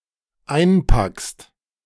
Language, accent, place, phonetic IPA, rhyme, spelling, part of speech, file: German, Germany, Berlin, [ˈaɪ̯nˌpakst], -aɪ̯npakst, einpackst, verb, De-einpackst.ogg
- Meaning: second-person singular dependent present of einpacken